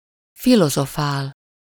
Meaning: 1. to philosophize (to ponder or reason out philosophically) 2. to speculate (to ponder in an abstract, lengthy way without arriving to a practical solution)
- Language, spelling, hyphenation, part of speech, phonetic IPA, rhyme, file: Hungarian, filozofál, fi‧lo‧zo‧fál, verb, [ˈfilozofaːl], -aːl, Hu-filozofál.ogg